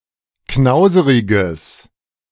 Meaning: strong/mixed nominative/accusative neuter singular of knauserig
- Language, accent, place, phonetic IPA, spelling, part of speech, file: German, Germany, Berlin, [ˈknaʊ̯zəʁɪɡəs], knauseriges, adjective, De-knauseriges.ogg